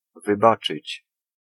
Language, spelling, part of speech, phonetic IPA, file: Polish, wybaczyć, verb, [vɨˈbat͡ʃɨt͡ɕ], Pl-wybaczyć.ogg